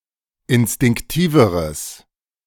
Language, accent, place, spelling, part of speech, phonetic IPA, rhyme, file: German, Germany, Berlin, instinktiveres, adjective, [ɪnstɪŋkˈtiːvəʁəs], -iːvəʁəs, De-instinktiveres.ogg
- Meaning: strong/mixed nominative/accusative neuter singular comparative degree of instinktiv